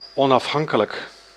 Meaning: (adjective) 1. independent 2. irrespective of; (adverb) independently
- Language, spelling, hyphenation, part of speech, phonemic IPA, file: Dutch, onafhankelijk, on‧af‧han‧ke‧lijk, adjective / adverb, /ˌɔn.ɑfˈɦɑŋ.kə.lək/, Nl-onafhankelijk.ogg